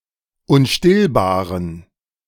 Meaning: inflection of unstillbar: 1. strong genitive masculine/neuter singular 2. weak/mixed genitive/dative all-gender singular 3. strong/weak/mixed accusative masculine singular 4. strong dative plural
- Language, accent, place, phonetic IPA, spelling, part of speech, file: German, Germany, Berlin, [ʊnˈʃtɪlbaːʁən], unstillbaren, adjective, De-unstillbaren.ogg